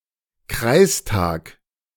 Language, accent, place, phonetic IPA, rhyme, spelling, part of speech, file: German, Germany, Berlin, [ˈkʁaɪ̯sˌtaːk], -aɪ̯staːk, Kreistag, noun, De-Kreistag.ogg
- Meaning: county council (or equivalent body)